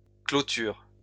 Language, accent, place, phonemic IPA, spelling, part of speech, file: French, France, Lyon, /klo.tyʁ/, clôtures, noun, LL-Q150 (fra)-clôtures.wav
- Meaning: plural of clôture